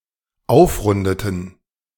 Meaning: inflection of aufrunden: 1. first/third-person plural dependent preterite 2. first/third-person plural dependent subjunctive II
- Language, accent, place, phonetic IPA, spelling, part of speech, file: German, Germany, Berlin, [ˈaʊ̯fˌʁʊndətn̩], aufrundeten, verb, De-aufrundeten.ogg